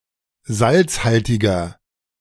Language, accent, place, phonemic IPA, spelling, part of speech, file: German, Germany, Berlin, /ˈzaltsˌhaltɪɡɐ/, salzhaltiger, adjective, De-salzhaltiger.ogg
- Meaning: 1. comparative degree of salzhaltig 2. inflection of salzhaltig: strong/mixed nominative masculine singular 3. inflection of salzhaltig: strong genitive/dative feminine singular